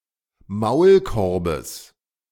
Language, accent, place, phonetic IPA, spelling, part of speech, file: German, Germany, Berlin, [ˈmaʊ̯lˌkɔʁbəs], Maulkorbes, noun, De-Maulkorbes.ogg
- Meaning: genitive singular of Maulkorb